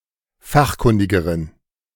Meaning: inflection of fachkundig: 1. strong genitive masculine/neuter singular comparative degree 2. weak/mixed genitive/dative all-gender singular comparative degree
- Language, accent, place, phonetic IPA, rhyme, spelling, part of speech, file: German, Germany, Berlin, [ˈfaxˌkʊndɪɡəʁən], -axkʊndɪɡəʁən, fachkundigeren, adjective, De-fachkundigeren.ogg